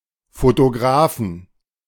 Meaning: inflection of Fotograf: 1. genitive/dative/accusative singular 2. nominative/genitive/dative/accusative plural
- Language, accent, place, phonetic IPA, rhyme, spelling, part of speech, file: German, Germany, Berlin, [fotoˈɡʁaːfn̩], -aːfn̩, Fotografen, noun, De-Fotografen.ogg